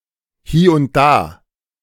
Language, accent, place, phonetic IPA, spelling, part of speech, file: German, Germany, Berlin, [ˈhiː ʊnt ˈdaː], hie und da, adverb, De-hie und da.ogg
- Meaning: alternative form of hier und da (“here and there”)